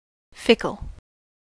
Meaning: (adjective) 1. Quick to change one’s opinion or allegiance; insincere; not loyal or reliable 2. Changeable; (verb) 1. To deceive, flatter 2. To puzzle, perplex, nonplus
- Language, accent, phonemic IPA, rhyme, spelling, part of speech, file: English, US, /ˈfɪk.əl/, -ɪkəl, fickle, adjective / verb, En-us-fickle.ogg